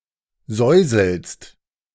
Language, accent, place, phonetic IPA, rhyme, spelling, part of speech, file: German, Germany, Berlin, [ˈzɔɪ̯zl̩st], -ɔɪ̯zl̩st, säuselst, verb, De-säuselst.ogg
- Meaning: second-person singular present of säuseln